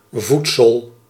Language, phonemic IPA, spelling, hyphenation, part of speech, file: Dutch, /ˈvut.səl/, voedsel, voed‧sel, noun, Nl-voedsel.ogg
- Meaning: 1. food 2. nutrient